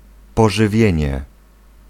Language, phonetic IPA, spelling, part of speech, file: Polish, [ˌpɔʒɨˈvʲjɛ̇̃ɲɛ], pożywienie, noun, Pl-pożywienie.ogg